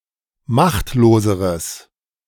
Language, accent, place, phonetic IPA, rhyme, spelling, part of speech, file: German, Germany, Berlin, [ˈmaxtloːzəʁəs], -axtloːzəʁəs, machtloseres, adjective, De-machtloseres.ogg
- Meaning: strong/mixed nominative/accusative neuter singular comparative degree of machtlos